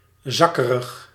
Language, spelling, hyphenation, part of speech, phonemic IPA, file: Dutch, zakkerig, zak‧ke‧rig, adjective, /ˈzɑ.kə.rəx/, Nl-zakkerig.ogg
- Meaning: slouched, having a sagged posture